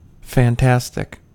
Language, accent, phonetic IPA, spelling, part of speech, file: English, US, [fɛə̯nˈtʰæs.tɪk(ʰ)], fantastic, adjective / noun, En-us-fantastic.ogg
- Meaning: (adjective) 1. Wonderful; marvelous; excellent; extraordinarily good or great (used especially as an intensifier) 2. Existing in or constructed from fantasy; of or relating to fantasy; fanciful